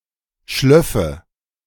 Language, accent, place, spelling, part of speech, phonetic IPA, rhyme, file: German, Germany, Berlin, schlöffe, verb, [ˈʃlœfə], -œfə, De-schlöffe.ogg
- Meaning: first/third-person singular subjunctive II of schliefen